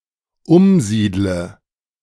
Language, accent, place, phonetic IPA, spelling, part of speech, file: German, Germany, Berlin, [ˈʊmˌziːdlə], umsiedle, verb, De-umsiedle.ogg
- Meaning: inflection of umsiedeln: 1. first-person singular dependent present 2. first/third-person singular dependent subjunctive I